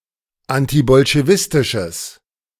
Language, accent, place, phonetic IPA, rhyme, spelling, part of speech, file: German, Germany, Berlin, [ˌantibɔlʃeˈvɪstɪʃəs], -ɪstɪʃəs, antibolschewistisches, adjective, De-antibolschewistisches.ogg
- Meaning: strong/mixed nominative/accusative neuter singular of antibolschewistisch